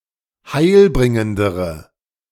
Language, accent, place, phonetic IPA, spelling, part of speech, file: German, Germany, Berlin, [ˈhaɪ̯lˌbʁɪŋəndəʁə], heilbringendere, adjective, De-heilbringendere.ogg
- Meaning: inflection of heilbringend: 1. strong/mixed nominative/accusative feminine singular comparative degree 2. strong nominative/accusative plural comparative degree